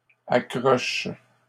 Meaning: second-person singular present indicative/subjunctive of accrocher
- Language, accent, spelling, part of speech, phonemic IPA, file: French, Canada, accroches, verb, /a.kʁɔʃ/, LL-Q150 (fra)-accroches.wav